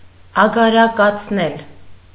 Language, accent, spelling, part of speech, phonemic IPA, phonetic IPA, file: Armenian, Eastern Armenian, ագարակացնել, verb, /ɑɡɑɾɑkɑt͡sʰˈnel/, [ɑɡɑɾɑkɑt͡sʰnél], Hy-ագարակացնել.ogg
- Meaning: causative of ագարականալ (agarakanal)